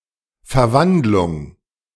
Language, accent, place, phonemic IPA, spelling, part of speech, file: German, Germany, Berlin, /fɛɐ̯ˈvantlʊŋ/, Verwandlung, noun, De-Verwandlung.ogg
- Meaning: 1. metamorphosis 2. transformation 3. change of scene